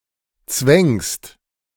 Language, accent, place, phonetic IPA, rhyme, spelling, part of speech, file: German, Germany, Berlin, [t͡svɛŋst], -ɛŋst, zwängst, verb, De-zwängst.ogg
- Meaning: second-person singular present of zwängen